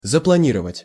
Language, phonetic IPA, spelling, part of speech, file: Russian, [zəpɫɐˈnʲirəvətʲ], запланировать, verb, Ru-запланировать.ogg
- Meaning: to plan, to project, to schedule